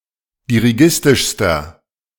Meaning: inflection of dirigistisch: 1. strong/mixed nominative masculine singular superlative degree 2. strong genitive/dative feminine singular superlative degree 3. strong genitive plural superlative degree
- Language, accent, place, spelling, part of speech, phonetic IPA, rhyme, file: German, Germany, Berlin, dirigistischster, adjective, [diʁiˈɡɪstɪʃstɐ], -ɪstɪʃstɐ, De-dirigistischster.ogg